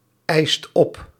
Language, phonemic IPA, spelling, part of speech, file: Dutch, /ˈɛist ˈɔp/, eist op, verb, Nl-eist op.ogg
- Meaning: inflection of opeisen: 1. second/third-person singular present indicative 2. plural imperative